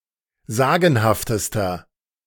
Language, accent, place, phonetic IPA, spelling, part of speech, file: German, Germany, Berlin, [ˈzaːɡn̩haftəstɐ], sagenhaftester, adjective, De-sagenhaftester.ogg
- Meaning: inflection of sagenhaft: 1. strong/mixed nominative masculine singular superlative degree 2. strong genitive/dative feminine singular superlative degree 3. strong genitive plural superlative degree